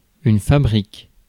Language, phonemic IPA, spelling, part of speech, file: French, /fa.bʁik/, fabrique, noun, Fr-fabrique.ogg
- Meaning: factory, plant (factory or industrial facility)